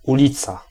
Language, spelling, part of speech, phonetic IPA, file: Polish, ulica, noun, [uˈlʲit͡sa], Pl-ulica.ogg